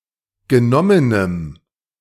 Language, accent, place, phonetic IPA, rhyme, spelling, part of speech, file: German, Germany, Berlin, [ɡəˈnɔmənəm], -ɔmənəm, genommenem, adjective, De-genommenem.ogg
- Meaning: strong dative masculine/neuter singular of genommen